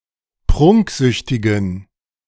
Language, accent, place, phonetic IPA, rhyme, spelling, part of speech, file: German, Germany, Berlin, [ˈpʁʊŋkˌzʏçtɪɡn̩], -ʊŋkzʏçtɪɡn̩, prunksüchtigen, adjective, De-prunksüchtigen.ogg
- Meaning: inflection of prunksüchtig: 1. strong genitive masculine/neuter singular 2. weak/mixed genitive/dative all-gender singular 3. strong/weak/mixed accusative masculine singular 4. strong dative plural